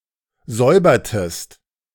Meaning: inflection of säubern: 1. second-person singular preterite 2. second-person singular subjunctive II
- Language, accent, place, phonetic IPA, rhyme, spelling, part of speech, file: German, Germany, Berlin, [ˈzɔɪ̯bɐtəst], -ɔɪ̯bɐtəst, säubertest, verb, De-säubertest.ogg